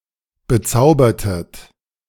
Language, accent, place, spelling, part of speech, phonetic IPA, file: German, Germany, Berlin, bezaubertet, verb, [bəˈt͡saʊ̯bɐtət], De-bezaubertet.ogg
- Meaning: inflection of bezaubern: 1. second-person plural preterite 2. second-person plural subjunctive II